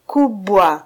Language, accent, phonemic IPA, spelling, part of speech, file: Swahili, Kenya, /ˈku.ɓʷɑ/, kubwa, adjective, Sw-ke-kubwa.flac
- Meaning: big; large; loud